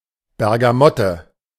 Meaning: bergamot
- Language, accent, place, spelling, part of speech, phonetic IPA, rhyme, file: German, Germany, Berlin, Bergamotte, noun, [bɛʁɡaˈmɔtə], -ɔtə, De-Bergamotte.ogg